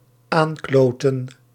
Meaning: to screw around, to faff about, to fuck around (to waste time with idle actions)
- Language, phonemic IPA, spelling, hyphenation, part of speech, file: Dutch, /ˈaːnˌkloː.tə(n)/, aankloten, aan‧klo‧ten, verb, Nl-aankloten.ogg